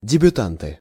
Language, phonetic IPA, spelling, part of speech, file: Russian, [dʲɪbʲʊˈtantɨ], дебютанты, noun, Ru-дебютанты.ogg
- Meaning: nominative plural of дебюта́нт (debjutánt)